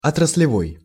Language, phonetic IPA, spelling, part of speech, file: Russian, [ɐtrəs⁽ʲ⁾lʲɪˈvoj], отраслевой, adjective, Ru-отраслевой.ogg
- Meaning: 1. branch, sector; sectoral 2. industry